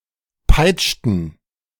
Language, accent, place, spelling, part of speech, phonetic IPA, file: German, Germany, Berlin, peitschten, verb, [ˈpaɪ̯t͡ʃtn̩], De-peitschten.ogg
- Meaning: inflection of peitschen: 1. first/third-person plural preterite 2. first/third-person plural subjunctive II